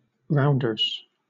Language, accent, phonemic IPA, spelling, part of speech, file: English, Southern England, /ˈɹaʊ̯nd.ə(ɹ)z/, rounders, noun, LL-Q1860 (eng)-rounders.wav
- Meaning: 1. A team sport played with bat and ball with one fielding side and one batting side. It is similar to softball and baseball 2. plural of rounder